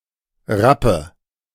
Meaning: black horse
- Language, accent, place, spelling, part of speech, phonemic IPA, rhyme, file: German, Germany, Berlin, Rappe, noun, /ˈʁa.pə/, -apə, De-Rappe.ogg